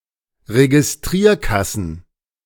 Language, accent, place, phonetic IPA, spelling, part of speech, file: German, Germany, Berlin, [ʁeɡɪsˈtʁiːɐ̯ˌkasn̩], Registrierkassen, noun, De-Registrierkassen.ogg
- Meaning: plural of Registrierkasse